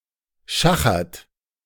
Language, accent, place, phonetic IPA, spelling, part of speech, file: German, Germany, Berlin, [ˈʃaxɐt], schachert, verb, De-schachert.ogg
- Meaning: inflection of schachern: 1. third-person singular present 2. second-person plural present 3. plural imperative